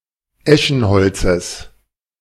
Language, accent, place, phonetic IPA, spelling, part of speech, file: German, Germany, Berlin, [ˈɛʃn̩ˌhɔlt͡səs], Eschenholzes, noun, De-Eschenholzes.ogg
- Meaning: genitive singular of Eschenholz